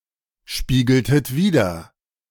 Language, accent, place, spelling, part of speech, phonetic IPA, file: German, Germany, Berlin, spiegeltet wider, verb, [ˌʃpiːɡl̩tət ˈviːdɐ], De-spiegeltet wider.ogg
- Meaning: inflection of widerspiegeln: 1. second-person plural preterite 2. second-person plural subjunctive II